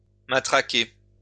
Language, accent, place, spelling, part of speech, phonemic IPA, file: French, France, Lyon, matraquer, verb, /ma.tʁa.ke/, LL-Q150 (fra)-matraquer.wav
- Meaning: 1. to club 2. to hype